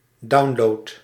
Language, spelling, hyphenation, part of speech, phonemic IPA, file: Dutch, download, down‧load, noun / verb, /ˈdɑu̯n.loːt/, Nl-download.ogg
- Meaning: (noun) download; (verb) inflection of downloaden: 1. first-person singular present indicative 2. second-person singular present indicative 3. imperative